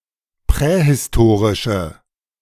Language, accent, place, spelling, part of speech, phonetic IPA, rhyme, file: German, Germany, Berlin, prähistorische, adjective, [ˌpʁɛhɪsˈtoːʁɪʃə], -oːʁɪʃə, De-prähistorische.ogg
- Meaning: inflection of prähistorisch: 1. strong/mixed nominative/accusative feminine singular 2. strong nominative/accusative plural 3. weak nominative all-gender singular